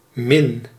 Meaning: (preposition) minus; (noun) 1. minus sign 2. minus (disadvantage); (adjective) 1. comparative degree of weinig; less, fewer 2. few, little, less common synonym of weinig 3. opprobrious, unpleasant
- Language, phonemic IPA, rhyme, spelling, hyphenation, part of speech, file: Dutch, /mɪn/, -ɪn, min, min, preposition / noun / adjective / verb, Nl-min.ogg